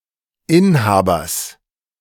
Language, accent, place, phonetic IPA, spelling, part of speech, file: German, Germany, Berlin, [ˈɪnˌhaːbɐs], Inhabers, noun, De-Inhabers.ogg
- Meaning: genitive singular of Inhaber